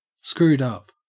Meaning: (verb) simple past and past participle of screw up; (adjective) 1. Having been screwed into a ball 2. Morally reprehensible; clearly and grossly objectionable
- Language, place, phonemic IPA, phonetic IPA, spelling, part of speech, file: English, Queensland, /ˈskɹʉːd ɐp/, [ˈskɹʉːd‿ɐp], screwed up, verb / adjective, En-au-screwed up.ogg